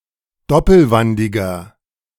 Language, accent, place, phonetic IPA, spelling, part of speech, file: German, Germany, Berlin, [ˈdɔpl̩ˌvandɪɡɐ], doppelwandiger, adjective, De-doppelwandiger.ogg
- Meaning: inflection of doppelwandig: 1. strong/mixed nominative masculine singular 2. strong genitive/dative feminine singular 3. strong genitive plural